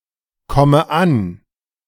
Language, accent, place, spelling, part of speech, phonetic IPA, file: German, Germany, Berlin, komme an, verb, [ˌkɔmə ˈan], De-komme an.ogg
- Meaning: inflection of ankommen: 1. first-person singular present 2. first/third-person singular subjunctive I 3. singular imperative